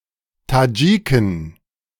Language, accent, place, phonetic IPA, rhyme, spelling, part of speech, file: German, Germany, Berlin, [taˈd͡ʒiːkn̩], -iːkn̩, Tadschiken, noun, De-Tadschiken.ogg
- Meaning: plural of Tadschike